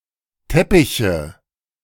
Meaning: nominative/accusative/genitive plural of Teppich
- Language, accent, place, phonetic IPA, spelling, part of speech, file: German, Germany, Berlin, [ˈtɛpɪçə], Teppiche, noun, De-Teppiche.ogg